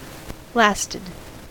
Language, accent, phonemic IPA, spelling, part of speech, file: English, US, /ˈlæstɪd/, lasted, verb, En-us-lasted.ogg
- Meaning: simple past and past participle of last